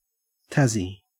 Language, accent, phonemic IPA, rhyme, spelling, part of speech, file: English, Australia, /ˈtæzi/, -æzi, Tassie, proper noun / noun / adjective, En-au-Tassie.ogg
- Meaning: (proper noun) Tasmania; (noun) Tasmanian: a native or inhabitant of Tasmania, Australia; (adjective) Tasmanian; of, from or relating to the state of Tasmania, Australia